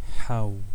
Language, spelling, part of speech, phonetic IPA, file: Adyghe, хьау, adverb, [ħaw], Haw.ogg
- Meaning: no